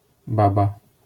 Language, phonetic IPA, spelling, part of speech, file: Polish, [ˈbaba], baba, noun, LL-Q809 (pol)-baba.wav